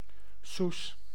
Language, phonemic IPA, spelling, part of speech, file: Dutch, /sus/, soes, noun / verb, Nl-soes.ogg
- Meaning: choux pastry